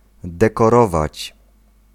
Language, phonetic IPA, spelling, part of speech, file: Polish, [ˌdɛkɔˈrɔvat͡ɕ], dekorować, verb, Pl-dekorować.ogg